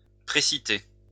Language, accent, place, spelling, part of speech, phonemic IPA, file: French, France, Lyon, précité, adjective, /pʁe.si.te/, LL-Q150 (fra)-précité.wav
- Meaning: above-mentioned